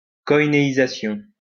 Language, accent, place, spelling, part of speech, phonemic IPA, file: French, France, Lyon, koinéisation, noun, /kɔ.i.ne.i.za.sjɔ̃/, LL-Q150 (fra)-koinéisation.wav
- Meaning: koinëisation